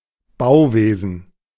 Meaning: construction (trade of building)
- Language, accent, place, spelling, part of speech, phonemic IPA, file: German, Germany, Berlin, Bauwesen, noun, /ˈbaʊ̯ˌveːzən/, De-Bauwesen.ogg